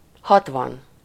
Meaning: sixty
- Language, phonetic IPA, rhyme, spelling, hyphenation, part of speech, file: Hungarian, [ˈhɒtvɒn], -ɒn, hatvan, hat‧van, numeral, Hu-hatvan.ogg